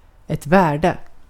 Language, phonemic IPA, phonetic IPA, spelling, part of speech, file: Swedish, /²vɛːrdɛ/, [²væːɖɛ], värde, noun, Sv-värde.ogg
- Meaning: 1. value (monetary or otherwise), worth 2. value (numerical or otherwise), level 3. values: ideals (societal or personal) 4. values: assets (cultural or natural)